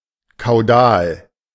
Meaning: caudal
- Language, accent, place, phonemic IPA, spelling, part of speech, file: German, Germany, Berlin, /kaʊ̯ˈdaːl/, kaudal, adjective, De-kaudal.ogg